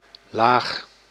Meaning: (adjective) low; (noun) 1. layer 2. class, stratum, level (in a society)
- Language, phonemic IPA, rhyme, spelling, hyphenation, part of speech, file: Dutch, /laːx/, -aːx, laag, laag, adjective / noun, Nl-laag.ogg